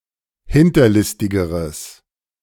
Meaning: strong/mixed nominative/accusative neuter singular comparative degree of hinterlistig
- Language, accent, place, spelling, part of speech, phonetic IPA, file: German, Germany, Berlin, hinterlistigeres, adjective, [ˈhɪntɐˌlɪstɪɡəʁəs], De-hinterlistigeres.ogg